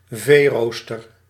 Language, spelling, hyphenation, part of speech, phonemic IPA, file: Dutch, veerooster, vee‧roos‧ter, noun, /ˈveːˌroːs.tər/, Nl-veerooster.ogg
- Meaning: a cattle grid, usually specifically intended for livestock